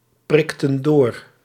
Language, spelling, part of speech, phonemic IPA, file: Dutch, prikten door, verb, /ˈprɪktə(n) ˈdor/, Nl-prikten door.ogg
- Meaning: inflection of doorprikken: 1. plural past indicative 2. plural past subjunctive